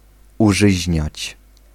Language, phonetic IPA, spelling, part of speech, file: Polish, [uˈʒɨʑɲät͡ɕ], użyźniać, verb, Pl-użyźniać.ogg